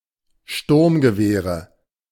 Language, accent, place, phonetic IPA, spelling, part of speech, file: German, Germany, Berlin, [ˈʃtʊʁmɡəˌveːʁə], Sturmgewehre, noun, De-Sturmgewehre.ogg
- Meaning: nominative/accusative/genitive plural of Sturmgewehr